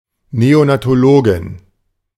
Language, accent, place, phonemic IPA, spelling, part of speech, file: German, Germany, Berlin, /neːoˌnaːtoˈloːɡɪn/, Neonatologin, noun, De-Neonatologin.ogg
- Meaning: female equivalent of Neonatologe (“neonatologist”)